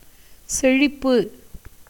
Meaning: 1. fertility, prosperity, flourishing condition 2. plenteousness, abundance, fulness
- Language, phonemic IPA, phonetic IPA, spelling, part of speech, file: Tamil, /tʃɛɻɪpːɯ/, [se̞ɻɪpːɯ], செழிப்பு, noun, Ta-செழிப்பு.ogg